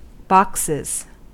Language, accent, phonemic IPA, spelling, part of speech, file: English, US, /ˈbɑksɪz/, boxes, noun / verb, En-us-boxes.ogg
- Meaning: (noun) plural of box; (verb) third-person singular simple present indicative of box